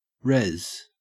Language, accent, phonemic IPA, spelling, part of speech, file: English, Australia, /ɹɛz/, rez, noun / verb, En-au-rez.ogg
- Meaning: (noun) 1. Clipping of reservation or reserve (semiautonomous Indigenous territory) 2. Clipping of residence; dormitory 3. Clipping of resonance 4. Clipping of resurrection 5. Clipping of resolution